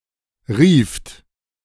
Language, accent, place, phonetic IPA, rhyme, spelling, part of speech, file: German, Germany, Berlin, [ʁiːft], -iːft, rieft, verb, De-rieft.ogg
- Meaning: second-person plural preterite of rufen